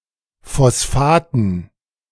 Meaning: dative plural of Phosphat
- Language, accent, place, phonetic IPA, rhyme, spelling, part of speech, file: German, Germany, Berlin, [fɔsˈfaːtn̩], -aːtn̩, Phosphaten, noun, De-Phosphaten.ogg